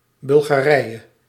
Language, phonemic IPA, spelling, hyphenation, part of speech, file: Dutch, /ˌbʏlɣaːˈrɛi̯(j)ə/, Bulgarije, Bul‧ga‧rije, proper noun, Nl-Bulgarije.ogg
- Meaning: Bulgaria (a country in Southeastern Europe)